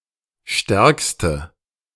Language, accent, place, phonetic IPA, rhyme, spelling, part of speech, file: German, Germany, Berlin, [ˈʃtɛʁkstə], -ɛʁkstə, stärkste, adjective, De-stärkste.ogg
- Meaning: inflection of stark: 1. strong/mixed nominative/accusative feminine singular superlative degree 2. strong nominative/accusative plural superlative degree